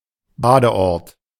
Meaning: 1. spa 2. beach resort, seaside resort
- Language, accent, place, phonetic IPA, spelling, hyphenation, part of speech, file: German, Germany, Berlin, [ˈbaːdəˌʔɔʁt], Badeort, Ba‧de‧ort, noun, De-Badeort.ogg